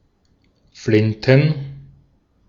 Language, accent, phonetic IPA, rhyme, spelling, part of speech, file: German, Austria, [ˈflɪntn̩], -ɪntn̩, Flinten, noun, De-at-Flinten.ogg
- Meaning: plural of Flinte